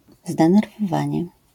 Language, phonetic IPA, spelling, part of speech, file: Polish, [ˌzdɛ̃nɛrvɔˈvãɲɛ], zdenerwowanie, noun, LL-Q809 (pol)-zdenerwowanie.wav